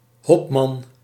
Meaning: 1. a male captain 2. a military captain, belonging to a city guard, militia or army
- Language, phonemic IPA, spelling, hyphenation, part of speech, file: Dutch, /ˈɦɔp.mɑn/, hopman, hop‧man, noun, Nl-hopman.ogg